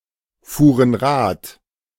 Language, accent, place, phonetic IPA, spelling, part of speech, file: German, Germany, Berlin, [ˌfuːʁən ˈʁaːt], fuhren Rad, verb, De-fuhren Rad.ogg
- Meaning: first/third-person plural preterite of Rad fahren